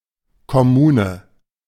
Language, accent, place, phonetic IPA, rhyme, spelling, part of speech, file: German, Germany, Berlin, [kɔˈmuːnə], -uːnə, Kommune, noun, De-Kommune.ogg
- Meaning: commune